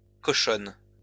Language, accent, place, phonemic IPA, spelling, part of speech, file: French, France, Lyon, /kɔ.ʃɔn/, cochonnes, noun, LL-Q150 (fra)-cochonnes.wav
- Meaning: plural of cochonne